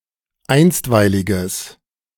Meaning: strong/mixed nominative/accusative neuter singular of einstweilig
- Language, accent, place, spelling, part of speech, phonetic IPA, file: German, Germany, Berlin, einstweiliges, adjective, [ˈaɪ̯nstvaɪ̯lɪɡəs], De-einstweiliges.ogg